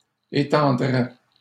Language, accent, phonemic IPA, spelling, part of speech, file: French, Canada, /e.tɑ̃.dʁɛ/, étendrais, verb, LL-Q150 (fra)-étendrais.wav
- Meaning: first/second-person singular conditional of étendre